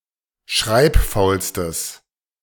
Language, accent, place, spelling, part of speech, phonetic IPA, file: German, Germany, Berlin, schreibfaulstes, adjective, [ˈʃʁaɪ̯pˌfaʊ̯lstəs], De-schreibfaulstes.ogg
- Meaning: strong/mixed nominative/accusative neuter singular superlative degree of schreibfaul